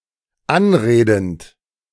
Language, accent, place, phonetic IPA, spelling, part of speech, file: German, Germany, Berlin, [ˈanˌʁeːdn̩t], anredend, verb, De-anredend.ogg
- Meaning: present participle of anreden